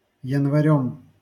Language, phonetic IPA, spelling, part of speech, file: Russian, [(j)ɪnvɐˈrʲɵm], январём, noun, LL-Q7737 (rus)-январём.wav
- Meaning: instrumental singular of янва́рь (janvárʹ)